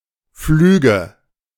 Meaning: nominative/accusative/genitive plural of Flug
- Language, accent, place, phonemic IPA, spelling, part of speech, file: German, Germany, Berlin, /ˈflyːɡə/, Flüge, noun, De-Flüge.ogg